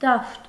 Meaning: 1. field 2. playing field, sports ground 3. field, sphere
- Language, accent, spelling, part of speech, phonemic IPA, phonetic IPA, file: Armenian, Eastern Armenian, դաշտ, noun, /dɑʃt/, [dɑʃt], Hy-դաշտ.ogg